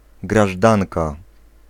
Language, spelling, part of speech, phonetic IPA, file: Polish, grażdanka, noun, [ɡraʒˈdãnka], Pl-grażdanka.ogg